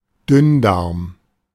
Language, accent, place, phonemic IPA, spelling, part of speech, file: German, Germany, Berlin, /ˈduːŋdəh̝aːŋ/, Dünndarm, noun, De-Dünndarm.ogg
- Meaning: small intestine